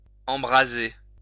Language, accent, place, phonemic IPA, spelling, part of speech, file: French, France, Lyon, /ɑ̃.bʁa.ze/, embraser, verb, LL-Q150 (fra)-embraser.wav
- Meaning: 1. to set fire to 2. to inflame, impassion